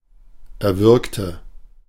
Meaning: inflection of erwürgen: 1. first/third-person singular preterite 2. first/third-person singular subjunctive II
- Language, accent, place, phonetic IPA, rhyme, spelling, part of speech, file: German, Germany, Berlin, [ɛɐ̯ˈvʏʁktə], -ʏʁktə, erwürgte, adjective / verb, De-erwürgte.ogg